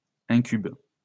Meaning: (noun) incubus; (verb) inflection of incuber: 1. first/third-person singular present indicative/subjunctive 2. second-person singular imperative
- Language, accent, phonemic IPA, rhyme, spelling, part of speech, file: French, France, /ɛ̃.kyb/, -yb, incube, noun / verb, LL-Q150 (fra)-incube.wav